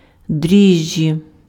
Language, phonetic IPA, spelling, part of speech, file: Ukrainian, [ˈdʲrʲiʒd͡ʒʲi], дріжджі, noun, Uk-дріжджі.ogg
- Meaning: yeast